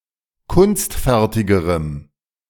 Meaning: strong dative masculine/neuter singular comparative degree of kunstfertig
- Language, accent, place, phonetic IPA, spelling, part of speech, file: German, Germany, Berlin, [ˈkʊnstˌfɛʁtɪɡəʁəm], kunstfertigerem, adjective, De-kunstfertigerem.ogg